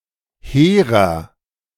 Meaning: inflection of hehr: 1. strong/mixed nominative masculine singular 2. strong genitive/dative feminine singular 3. strong genitive plural
- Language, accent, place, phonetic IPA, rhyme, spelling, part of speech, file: German, Germany, Berlin, [ˈheːʁɐ], -eːʁɐ, hehrer, adjective, De-hehrer.ogg